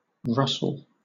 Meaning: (noun) 1. A soft crackling sound similar to the movement of dry leaves 2. A movement producing such a sound; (verb) To move (something) with a soft crackling sound
- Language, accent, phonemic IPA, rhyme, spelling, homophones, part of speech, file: English, Southern England, /ˈɹʌsəl/, -ʌsəl, rustle, Russell, noun / verb, LL-Q1860 (eng)-rustle.wav